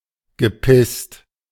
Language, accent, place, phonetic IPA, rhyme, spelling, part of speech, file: German, Germany, Berlin, [ɡəˈpɪst], -ɪst, gepisst, verb, De-gepisst.ogg
- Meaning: past participle of pissen